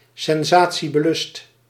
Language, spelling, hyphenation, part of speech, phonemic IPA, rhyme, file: Dutch, sensatiebelust, sen‧sa‧tie‧be‧lust, adjective, /sɛnˌzaː.(t)si.bəˈlʏst/, -ʏst, Nl-sensatiebelust.ogg
- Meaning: sensationalist, craving sensation